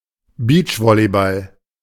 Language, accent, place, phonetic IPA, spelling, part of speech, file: German, Germany, Berlin, [ˈbiːt͡ʃˌvɔlibal], Beachvolleyball, noun, De-Beachvolleyball.ogg
- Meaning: beach volleyball